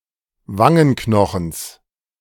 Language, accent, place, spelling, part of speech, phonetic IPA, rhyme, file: German, Germany, Berlin, Wangenknochens, noun, [ˈvaŋənˌknɔxn̩s], -aŋənknɔxn̩s, De-Wangenknochens.ogg
- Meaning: genitive singular of Wangenknochen